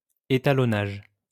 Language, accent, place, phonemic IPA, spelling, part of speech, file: French, France, Lyon, /e.ta.lɔ.naʒ/, étalonnage, noun, LL-Q150 (fra)-étalonnage.wav
- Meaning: calibration